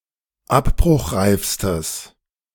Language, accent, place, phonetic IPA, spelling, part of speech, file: German, Germany, Berlin, [ˈapbʁʊxˌʁaɪ̯fstəs], abbruchreifstes, adjective, De-abbruchreifstes.ogg
- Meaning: strong/mixed nominative/accusative neuter singular superlative degree of abbruchreif